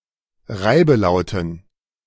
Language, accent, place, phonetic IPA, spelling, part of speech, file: German, Germany, Berlin, [ˈʁaɪ̯bəˌlaʊ̯tn̩], Reibelauten, noun, De-Reibelauten.ogg
- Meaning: dative plural of Reibelaut